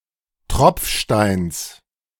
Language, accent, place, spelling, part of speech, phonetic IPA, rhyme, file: German, Germany, Berlin, Tropfsteins, noun, [ˈtʁɔp͡fˌʃtaɪ̯ns], -ɔp͡fʃtaɪ̯ns, De-Tropfsteins.ogg
- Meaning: genitive singular of Tropfstein